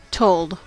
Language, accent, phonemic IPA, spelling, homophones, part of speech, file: English, General American, /toʊld/, told, tolled, verb, En-us-told.ogg
- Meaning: simple past and past participle of tell